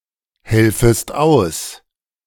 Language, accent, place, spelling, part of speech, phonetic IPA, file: German, Germany, Berlin, helfest aus, verb, [ˌhɛlfəst ˈaʊ̯s], De-helfest aus.ogg
- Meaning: second-person singular subjunctive I of aushelfen